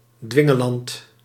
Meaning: 1. tyrant, despotic ruler who enforces his will upon the state 2. dictatorial person, who is bossy and coerces others to obedient compliance
- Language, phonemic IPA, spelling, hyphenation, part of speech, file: Dutch, /ˈdʋɪ.ŋəˌlɑnt/, dwingeland, dwin‧ge‧land, noun, Nl-dwingeland.ogg